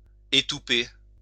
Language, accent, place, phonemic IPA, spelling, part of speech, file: French, France, Lyon, /e.tu.pe/, étouper, verb, LL-Q150 (fra)-étouper.wav
- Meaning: to caulk (block using oakum or by extension another similar material)